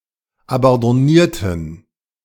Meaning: inflection of abandonnieren: 1. first/third-person plural preterite 2. first/third-person plural subjunctive II
- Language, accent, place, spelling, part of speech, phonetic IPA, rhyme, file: German, Germany, Berlin, abandonnierten, adjective / verb, [abɑ̃dɔˈniːɐ̯tn̩], -iːɐ̯tn̩, De-abandonnierten.ogg